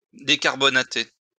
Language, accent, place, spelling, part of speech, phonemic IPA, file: French, France, Lyon, décarbonater, verb, /de.kaʁ.bɔ.na.te/, LL-Q150 (fra)-décarbonater.wav
- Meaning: to decarbonate